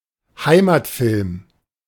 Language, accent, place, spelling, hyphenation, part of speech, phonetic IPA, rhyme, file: German, Germany, Berlin, Heimatfilm, Hei‧mat‧film, noun, [ˈhaɪ̯matˌfɪlm], -ɪlm, De-Heimatfilm.ogg
- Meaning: Heimatfilm, homeland film